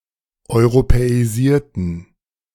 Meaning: inflection of europäisieren: 1. first/third-person plural preterite 2. first/third-person plural subjunctive II
- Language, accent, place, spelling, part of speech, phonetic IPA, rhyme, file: German, Germany, Berlin, europäisierten, adjective / verb, [ɔɪ̯ʁopɛiˈziːɐ̯tn̩], -iːɐ̯tn̩, De-europäisierten.ogg